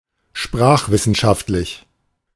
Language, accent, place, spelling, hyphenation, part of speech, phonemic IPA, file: German, Germany, Berlin, sprachwissenschaftlich, sprach‧wis‧sen‧schaft‧lich, adjective, /ˈʃpʁaːxˌvɪsn̩ʃaftlɪç/, De-sprachwissenschaftlich.ogg
- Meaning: linguistic (relating to linguistics)